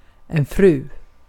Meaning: 1. wife 2. Mrs., Missus, lady, madam (respectful term of address or title for a (married) adult female)
- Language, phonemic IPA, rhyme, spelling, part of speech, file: Swedish, /frʉː/, -ʉː, fru, noun, Sv-fru.ogg